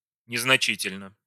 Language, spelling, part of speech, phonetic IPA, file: Russian, незначительно, adverb / adjective, [nʲɪznɐˈt͡ɕitʲɪlʲnə], Ru-незначительно.ogg
- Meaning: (adverb) insignificantly (of such extremely small quantity or degree that it is not worth measuring); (adjective) short neuter singular of незначи́тельный (neznačítelʹnyj)